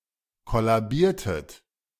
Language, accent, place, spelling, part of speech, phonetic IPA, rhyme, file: German, Germany, Berlin, kollabiertet, verb, [ˌkɔlaˈbiːɐ̯tət], -iːɐ̯tət, De-kollabiertet.ogg
- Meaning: inflection of kollabieren: 1. second-person plural preterite 2. second-person plural subjunctive II